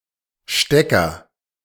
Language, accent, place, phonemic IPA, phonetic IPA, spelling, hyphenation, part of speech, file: German, Germany, Berlin, /ˈʃtɛkəʁ/, [ˈʃtɛkɐ], Stecker, Ste‧cker, noun, De-Stecker.ogg
- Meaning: plug (electrical plug)